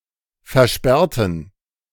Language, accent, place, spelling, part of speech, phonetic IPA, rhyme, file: German, Germany, Berlin, versperrten, adjective / verb, [fɛɐ̯ˈʃpɛʁtn̩], -ɛʁtn̩, De-versperrten.ogg
- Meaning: inflection of versperren: 1. first/third-person plural preterite 2. first/third-person plural subjunctive II